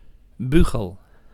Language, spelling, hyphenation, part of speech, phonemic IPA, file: Dutch, bugel, bu‧gel, noun, /ˈby.ɣəl/, Nl-bugel.ogg
- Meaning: bugle, flugelhorn, a brass instrument